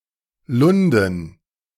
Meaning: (proper noun) Lunden (a municipality of Dithmarschen district, Schleswig-Holstein, Germany); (noun) dative plural of Lund
- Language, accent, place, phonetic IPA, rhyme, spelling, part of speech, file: German, Germany, Berlin, [ˈlʊndn̩], -ʊndn̩, Lunden, proper noun / noun, De-Lunden.ogg